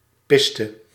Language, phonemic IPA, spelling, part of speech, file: Dutch, /ˈpɪstə/, piste, verb, Nl-piste.ogg
- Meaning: inflection of pissen: 1. singular past indicative 2. singular past subjunctive